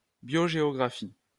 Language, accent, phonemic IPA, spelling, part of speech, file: French, France, /bjo.ʒe.ɔ.ɡʁa.fi/, biogéographie, noun, LL-Q150 (fra)-biogéographie.wav
- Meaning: biogeography